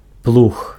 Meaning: plough, plow
- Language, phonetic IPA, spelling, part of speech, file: Belarusian, [pɫux], плуг, noun, Be-плуг.ogg